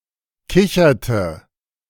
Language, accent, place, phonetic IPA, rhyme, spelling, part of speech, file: German, Germany, Berlin, [ˈkɪçɐtə], -ɪçɐtə, kicherte, verb, De-kicherte.ogg
- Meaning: inflection of kichern: 1. first/third-person singular preterite 2. first/third-person singular subjunctive II